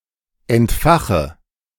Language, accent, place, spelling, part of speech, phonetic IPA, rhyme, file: German, Germany, Berlin, entfache, verb, [ɛntˈfaxə], -axə, De-entfache.ogg
- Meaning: inflection of entfachen: 1. first-person singular present 2. first/third-person singular subjunctive I 3. singular imperative